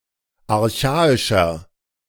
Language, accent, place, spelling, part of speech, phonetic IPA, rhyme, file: German, Germany, Berlin, archaischer, adjective, [aʁˈçaːɪʃɐ], -aːɪʃɐ, De-archaischer.ogg
- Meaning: 1. comparative degree of archaisch 2. inflection of archaisch: strong/mixed nominative masculine singular 3. inflection of archaisch: strong genitive/dative feminine singular